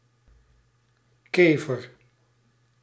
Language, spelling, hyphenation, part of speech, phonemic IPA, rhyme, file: Dutch, kever, ke‧ver, noun, /ˈkeːvər/, -eːvər, Nl-kever.ogg
- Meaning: beetle (insect of the order Coleoptera)